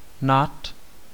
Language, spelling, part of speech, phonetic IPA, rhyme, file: Czech, nad, preposition, [ˈnat], -at, Cs-nad.ogg
- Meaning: over, above